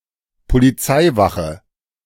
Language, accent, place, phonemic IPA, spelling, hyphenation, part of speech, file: German, Germany, Berlin, /poliˈt͡saɪ̯ˌvaχə/, Polizeiwache, Po‧li‧zei‧wa‧che, noun, De-Polizeiwache.ogg
- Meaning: police station (building of police force)